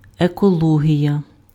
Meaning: ecology (branch of biology)
- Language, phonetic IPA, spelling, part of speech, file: Ukrainian, [ekɔˈɫɔɦʲijɐ], екологія, noun, Uk-екологія.ogg